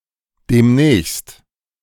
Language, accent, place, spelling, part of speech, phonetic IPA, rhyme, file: German, Germany, Berlin, demnächst, adverb, [ˌdeːmˈnɛːçst], -ɛːçst, De-demnächst.ogg
- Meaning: soon, in a near time, in a short while, in near future